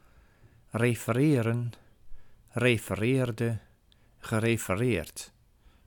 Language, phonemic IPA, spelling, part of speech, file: Dutch, /reː.fəˈreː.rə(n)/, refereren, verb, Nl-refereren.ogg
- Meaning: to refer to